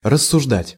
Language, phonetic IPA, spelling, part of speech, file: Russian, [rəsːʊʐˈdatʲ], рассуждать, verb, Ru-рассуждать.ogg
- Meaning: 1. to argue, to reason 2. to debate, to discuss